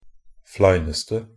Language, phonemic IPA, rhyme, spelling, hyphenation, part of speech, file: Norwegian Bokmål, /ˈflæɪnəstə/, -əstə, fleineste, flei‧nes‧te, adjective, Nb-fleineste.ogg
- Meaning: attributive superlative degree of flein